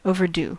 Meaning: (adjective) Late; especially, past a deadline or too late to fulfill a need; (noun) A borrowed item (such as a library book) that has not been returned on time
- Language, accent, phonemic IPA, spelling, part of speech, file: English, US, /ˌoʊ.vəɹˈdu/, overdue, adjective / noun, En-us-overdue.ogg